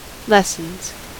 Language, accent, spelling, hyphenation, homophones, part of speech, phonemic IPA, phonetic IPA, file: English, US, lessons, les‧sons, lessens, verb / noun, /ˈlɛs.ənz/, [ˈlɛs.n̩z], En-us-lessons.ogg
- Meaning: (verb) third-person singular simple present indicative of lesson; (noun) plural of lesson